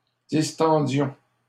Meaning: inflection of distendre: 1. first-person plural imperfect indicative 2. first-person plural present subjunctive
- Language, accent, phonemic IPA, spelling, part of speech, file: French, Canada, /dis.tɑ̃.djɔ̃/, distendions, verb, LL-Q150 (fra)-distendions.wav